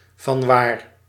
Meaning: 1. from where, whence 2. why, whence (because of what motivation)
- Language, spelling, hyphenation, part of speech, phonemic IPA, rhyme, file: Dutch, vanwaar, van‧waar, adverb, /vɑnˈʋaːr/, -aːr, Nl-vanwaar.ogg